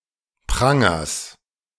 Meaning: genitive singular of Pranger
- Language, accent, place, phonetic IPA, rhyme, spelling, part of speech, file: German, Germany, Berlin, [ˈpʁaŋɐs], -aŋɐs, Prangers, noun, De-Prangers.ogg